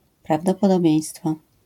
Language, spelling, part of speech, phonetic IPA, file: Polish, prawdopodobieństwo, noun, [ˌpravdɔpɔdɔˈbʲjɛ̇̃j̃stfɔ], LL-Q809 (pol)-prawdopodobieństwo.wav